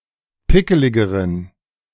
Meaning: inflection of pickelig: 1. strong genitive masculine/neuter singular comparative degree 2. weak/mixed genitive/dative all-gender singular comparative degree
- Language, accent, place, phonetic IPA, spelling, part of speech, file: German, Germany, Berlin, [ˈpɪkəlɪɡəʁən], pickeligeren, adjective, De-pickeligeren.ogg